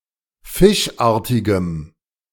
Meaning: strong dative masculine/neuter singular of fischartig
- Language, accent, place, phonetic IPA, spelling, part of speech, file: German, Germany, Berlin, [ˈfɪʃˌʔaːɐ̯tɪɡəm], fischartigem, adjective, De-fischartigem.ogg